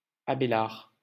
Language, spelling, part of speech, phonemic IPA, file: French, Abélard, proper noun, /a.be.laʁ/, LL-Q150 (fra)-Abélard.wav
- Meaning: 1. the French philosopher and theologian Abelard 2. a male given name, equivalent to English Abelard